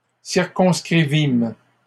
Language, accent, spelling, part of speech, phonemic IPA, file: French, Canada, circonscrivîmes, verb, /siʁ.kɔ̃s.kʁi.vim/, LL-Q150 (fra)-circonscrivîmes.wav
- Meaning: first-person plural past historic of circonscrire